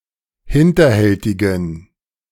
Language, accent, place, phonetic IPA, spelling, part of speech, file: German, Germany, Berlin, [ˈhɪntɐˌhɛltɪɡn̩], hinterhältigen, adjective, De-hinterhältigen.ogg
- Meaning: inflection of hinterhältig: 1. strong genitive masculine/neuter singular 2. weak/mixed genitive/dative all-gender singular 3. strong/weak/mixed accusative masculine singular 4. strong dative plural